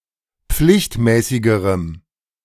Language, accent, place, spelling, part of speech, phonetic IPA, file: German, Germany, Berlin, pflichtmäßigerem, adjective, [ˈp͡flɪçtˌmɛːsɪɡəʁəm], De-pflichtmäßigerem.ogg
- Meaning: strong dative masculine/neuter singular comparative degree of pflichtmäßig